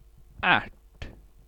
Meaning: 1. Any species in the Fabacea family 2. Plant of such a species, usually pea shrub 3. a pea (seed) from such a species
- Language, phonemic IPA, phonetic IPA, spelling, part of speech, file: Swedish, /ɛrt/, [æʈː], ärt, noun, Sv-ärt.ogg